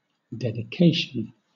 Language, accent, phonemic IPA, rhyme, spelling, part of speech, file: English, Southern England, /ˌdɛdɪˈkeɪʃən/, -eɪʃən, dedication, noun, LL-Q1860 (eng)-dedication.wav
- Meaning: 1. The act of dedicating or the state of being dedicated 2. A note addressed to a patron or friend, prefixed to a work of art as a token of respect, esteem, or affection